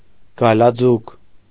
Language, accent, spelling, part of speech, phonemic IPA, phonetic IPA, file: Armenian, Eastern Armenian, գայլաձուկ, noun, /ɡɑjlɑˈd͡zuk/, [ɡɑjlɑd͡zúk], Hy-գայլաձուկ.ogg
- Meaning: pike (fish)